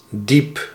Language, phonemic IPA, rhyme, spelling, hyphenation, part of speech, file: Dutch, /dip/, -ip, diep, diep, adjective / noun, Nl-diep.ogg
- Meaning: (adjective) 1. deep, down low 2. profound 3. intense; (noun) 1. the deep, profound part of a body of water 2. a canal